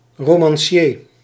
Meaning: novelist
- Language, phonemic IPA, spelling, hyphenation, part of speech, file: Dutch, /romɑ̃ˈʃe/, romancier, ro‧man‧cier, noun, Nl-romancier.ogg